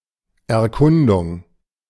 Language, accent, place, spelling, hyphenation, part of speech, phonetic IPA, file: German, Germany, Berlin, Erkundung, Er‧kun‧dung, noun, [ɛɐ̯ˈkʊnduŋ], De-Erkundung.ogg
- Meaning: 1. exploration, investigation 2. reconnaissance